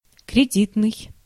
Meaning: credit
- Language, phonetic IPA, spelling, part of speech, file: Russian, [krʲɪˈdʲitnɨj], кредитный, adjective, Ru-кредитный.ogg